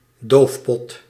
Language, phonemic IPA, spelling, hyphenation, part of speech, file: Dutch, /ˈdoːf.pɔt/, doofpot, doof‧pot, noun, Nl-doofpot.ogg
- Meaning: an old-fashioned metal canister with a tight lid, in which remaining coals and other fuel were put to die down